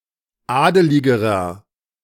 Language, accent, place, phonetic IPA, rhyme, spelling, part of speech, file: German, Germany, Berlin, [ˈaːdəlɪɡəʁɐ], -aːdəlɪɡəʁɐ, adeligerer, adjective, De-adeligerer.ogg
- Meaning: inflection of adelig: 1. strong/mixed nominative masculine singular comparative degree 2. strong genitive/dative feminine singular comparative degree 3. strong genitive plural comparative degree